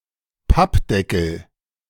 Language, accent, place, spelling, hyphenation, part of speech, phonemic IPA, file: German, Germany, Berlin, Pappdeckel, Papp‧de‧ckel, noun, /ˈpapˌdɛkl̩/, De-Pappdeckel.ogg
- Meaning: 1. lid of a cardboard box 2. pasteboard (book cover)